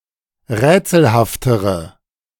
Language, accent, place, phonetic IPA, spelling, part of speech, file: German, Germany, Berlin, [ˈʁɛːt͡sl̩haftəʁə], rätselhaftere, adjective, De-rätselhaftere.ogg
- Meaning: inflection of rätselhaft: 1. strong/mixed nominative/accusative feminine singular comparative degree 2. strong nominative/accusative plural comparative degree